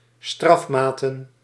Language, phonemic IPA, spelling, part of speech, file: Dutch, /ˈstrɑfmatə(n)/, strafmaten, noun, Nl-strafmaten.ogg
- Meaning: plural of strafmaat